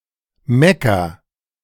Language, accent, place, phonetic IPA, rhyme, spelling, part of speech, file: German, Germany, Berlin, [ˈmɛkɐ], -ɛkɐ, mecker, verb, De-mecker.ogg
- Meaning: inflection of meckern: 1. first-person singular present 2. singular imperative